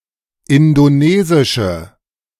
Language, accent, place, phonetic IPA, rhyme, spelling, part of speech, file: German, Germany, Berlin, [ˌɪndoˈneːzɪʃə], -eːzɪʃə, indonesische, adjective, De-indonesische.ogg
- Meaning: inflection of indonesisch: 1. strong/mixed nominative/accusative feminine singular 2. strong nominative/accusative plural 3. weak nominative all-gender singular